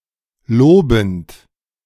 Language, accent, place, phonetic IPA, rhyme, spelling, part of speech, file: German, Germany, Berlin, [ˈloːbn̩t], -oːbn̩t, lobend, verb, De-lobend.ogg
- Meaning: present participle of loben